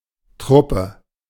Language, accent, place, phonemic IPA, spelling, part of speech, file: German, Germany, Berlin, /ˈtʁʊpə/, Truppe, noun, De-Truppe.ogg
- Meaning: 1. troupe (company of actors, etc.) 2. force 3. forces 4. team